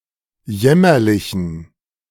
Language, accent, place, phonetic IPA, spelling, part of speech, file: German, Germany, Berlin, [ˈjɛmɐlɪçn̩], jämmerlichen, adjective, De-jämmerlichen.ogg
- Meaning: inflection of jämmerlich: 1. strong genitive masculine/neuter singular 2. weak/mixed genitive/dative all-gender singular 3. strong/weak/mixed accusative masculine singular 4. strong dative plural